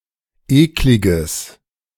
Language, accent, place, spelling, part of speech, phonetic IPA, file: German, Germany, Berlin, ekliges, adjective, [ˈeːklɪɡəs], De-ekliges.ogg
- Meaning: strong/mixed nominative/accusative neuter singular of eklig